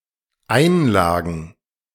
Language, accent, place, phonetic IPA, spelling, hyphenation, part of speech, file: German, Germany, Berlin, [ˈaɪ̯nˌlaːɡn̩], Einlagen, Ein‧la‧gen, noun, De-Einlagen.ogg
- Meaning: plural of Einlage